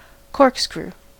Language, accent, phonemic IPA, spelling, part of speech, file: English, US, /ˈkɔɹk.skɹu/, corkscrew, noun / adjective / verb, En-us-corkscrew.ogg
- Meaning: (noun) An implement for opening bottles that are sealed by a cork. Sometimes specifically such an implement that includes a screw-shaped part, or worm